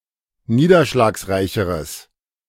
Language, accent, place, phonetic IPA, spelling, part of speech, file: German, Germany, Berlin, [ˈniːdɐʃlaːksˌʁaɪ̯çəʁəs], niederschlagsreicheres, adjective, De-niederschlagsreicheres.ogg
- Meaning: strong/mixed nominative/accusative neuter singular comparative degree of niederschlagsreich